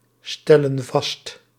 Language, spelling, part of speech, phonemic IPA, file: Dutch, stellen vast, verb, /ˈstɛlə(n) ˈvɑst/, Nl-stellen vast.ogg
- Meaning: inflection of vaststellen: 1. plural present indicative 2. plural present subjunctive